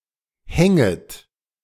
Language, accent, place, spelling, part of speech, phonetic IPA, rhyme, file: German, Germany, Berlin, hänget, verb, [ˈhɛŋət], -ɛŋət, De-hänget.ogg
- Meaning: second-person plural subjunctive I of hängen